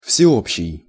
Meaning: universal, general
- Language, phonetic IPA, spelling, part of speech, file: Russian, [fsʲɪˈopɕːɪj], всеобщий, adjective, Ru-всеобщий.ogg